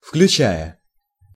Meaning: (verb) present adverbial imperfective participle of включа́ть (vključátʹ); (preposition) including
- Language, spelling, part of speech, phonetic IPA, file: Russian, включая, verb / preposition, [fklʲʉˈt͡ɕæjə], Ru-включая.ogg